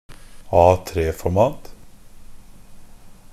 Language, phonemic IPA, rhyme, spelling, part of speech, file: Norwegian Bokmål, /ˈɑːtreːfɔrmɑːt/, -ɑːt, A3-format, noun, NB - Pronunciation of Norwegian Bokmål «A3-format».ogg
- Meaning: A piece of paper in the standard A3 format